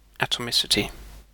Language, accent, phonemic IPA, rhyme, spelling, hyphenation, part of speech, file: English, UK, /ˌætəˈmɪsɪti/, -ɪsɪti, atomicity, atom‧ic‧i‧ty, noun, En-uk-atomicity.ogg
- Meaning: The number of atoms in a molecule